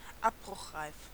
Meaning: ramshackle
- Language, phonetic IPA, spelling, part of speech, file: German, [ˈapbʁʊxˌʁaɪ̯f], abbruchreif, adjective, De-abbruchreif.ogg